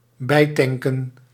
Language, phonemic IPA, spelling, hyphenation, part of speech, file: Dutch, /ˈbɛi̯tɛŋkə(n)/, bijtanken, bij‧tan‧ken, verb, Nl-bijtanken.ogg
- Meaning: 1. to refuel 2. to invigorate, to refresh